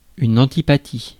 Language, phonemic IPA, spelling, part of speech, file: French, /ɑ̃.ti.pa.ti/, antipathie, noun, Fr-antipathie.ogg
- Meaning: antipathy, dislike